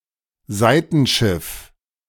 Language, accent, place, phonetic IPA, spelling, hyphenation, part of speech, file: German, Germany, Berlin, [ˈzaɪ̯tn̩ˌʃɪf], Seitenschiff, Sei‧ten‧schiff, noun, De-Seitenschiff.ogg
- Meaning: side aisle